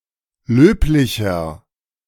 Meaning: 1. comparative degree of löblich 2. inflection of löblich: strong/mixed nominative masculine singular 3. inflection of löblich: strong genitive/dative feminine singular
- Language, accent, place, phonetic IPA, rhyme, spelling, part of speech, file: German, Germany, Berlin, [ˈløːplɪçɐ], -øːplɪçɐ, löblicher, adjective, De-löblicher.ogg